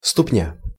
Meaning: 1. foot 2. sole
- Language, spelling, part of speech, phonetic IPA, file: Russian, ступня, noun, [stʊpˈnʲa], Ru-ступня.ogg